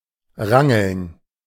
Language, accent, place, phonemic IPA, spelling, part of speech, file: German, Germany, Berlin, /ˈʁaŋəln/, rangeln, verb, De-rangeln.ogg
- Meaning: 1. to jostle, scrap, wrestle (fight physically without dealing serious blows) 2. to jockey, wrangle for